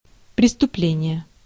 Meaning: 1. crime, criminal act, offense 2. specifically felony
- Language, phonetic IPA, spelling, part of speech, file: Russian, [prʲɪstʊˈplʲenʲɪje], преступление, noun, Ru-преступление.ogg